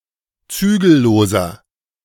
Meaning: 1. comparative degree of zügellos 2. inflection of zügellos: strong/mixed nominative masculine singular 3. inflection of zügellos: strong genitive/dative feminine singular
- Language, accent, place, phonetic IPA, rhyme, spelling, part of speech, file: German, Germany, Berlin, [ˈt͡syːɡl̩ˌloːzɐ], -yːɡl̩loːzɐ, zügelloser, adjective, De-zügelloser.ogg